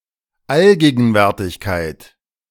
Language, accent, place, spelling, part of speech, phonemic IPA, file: German, Germany, Berlin, Allgegenwärtigkeit, noun, /ˈalɡeːɡn̩ˌvɛʁtɪçkaɪ̯t/, De-Allgegenwärtigkeit.ogg
- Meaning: ubiquity, omnipresence